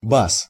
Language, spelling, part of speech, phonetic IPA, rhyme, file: Russian, бас, noun, [bas], -as, Ru-бас.ogg
- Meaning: 1. bass (voice) 2. bass (singer)